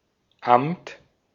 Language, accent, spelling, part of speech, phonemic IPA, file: German, Austria, Amt, noun, /amt/, De-at-Amt.ogg
- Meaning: 1. agency; department; office (state institution responsible for specified concerns) 2. office; post (public function, e.g. of a civil servant) 3. mass; office